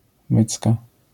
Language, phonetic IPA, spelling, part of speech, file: Polish, [ˈmɨt͡ska], mycka, noun, LL-Q809 (pol)-mycka.wav